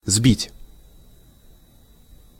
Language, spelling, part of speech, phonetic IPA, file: Russian, сбить, verb, [zbʲitʲ], Ru-сбить.ogg
- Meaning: 1. to knock down 2. to cause to fall, to shake down 3. to put out 4. to tread down 5. to knock together 6. to churn 7. to whisk, to beat, to whip